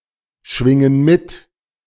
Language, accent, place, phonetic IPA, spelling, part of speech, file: German, Germany, Berlin, [ˌʃvɪŋən ˈmɪt], schwingen mit, verb, De-schwingen mit.ogg
- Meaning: inflection of mitschwingen: 1. first/third-person plural present 2. first/third-person plural subjunctive I